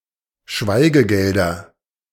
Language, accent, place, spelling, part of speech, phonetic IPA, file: German, Germany, Berlin, Schweigegelder, noun, [ˈʃvaɪ̯ɡəˌɡɛldɐ], De-Schweigegelder.ogg
- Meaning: nominative/accusative/genitive plural of Schweigegeld